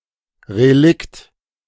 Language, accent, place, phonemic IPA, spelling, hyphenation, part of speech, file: German, Germany, Berlin, /ʁeˈlɪkt/, Relikt, Re‧likt, noun, De-Relikt.ogg
- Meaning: relic